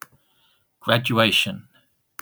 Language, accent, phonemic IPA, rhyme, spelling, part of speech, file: English, UK, /ˌɡɹædjuˈeɪʃən/, -eɪʃən, graduation, noun, En-uk-graduation.oga
- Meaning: 1. The action or process of graduating and receiving a diploma for completing a course of study (such as from an educational institution) 2. A commencement ceremony